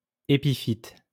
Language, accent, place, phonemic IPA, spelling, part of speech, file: French, France, Lyon, /e.pi.fit/, épiphyte, noun, LL-Q150 (fra)-épiphyte.wav
- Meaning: epiphyte